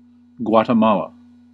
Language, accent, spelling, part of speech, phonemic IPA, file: English, US, Guatemala, proper noun, /ˌɡwɑː.təˈmɑː.lə/, En-us-Guatemala.ogg
- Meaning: 1. A country in northern Central America. Official name: Republic of Guatemala. Capital and largest city: Guatemala City 2. A department of Guatemala